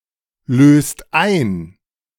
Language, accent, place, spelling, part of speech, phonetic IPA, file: German, Germany, Berlin, löst ein, verb, [ˌløːst ˈaɪ̯n], De-löst ein.ogg
- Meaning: inflection of einlösen: 1. second-person singular/plural present 2. third-person singular present 3. plural imperative